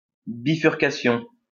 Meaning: a bifurcation, where two roads etc. part or meet
- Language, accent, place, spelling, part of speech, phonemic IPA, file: French, France, Lyon, bifurcation, noun, /bi.fyʁ.ka.sjɔ̃/, LL-Q150 (fra)-bifurcation.wav